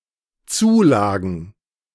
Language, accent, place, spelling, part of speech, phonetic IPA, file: German, Germany, Berlin, Zulagen, noun, [ˈt͡suːˌlaːɡn̩], De-Zulagen.ogg
- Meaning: plural of Zulage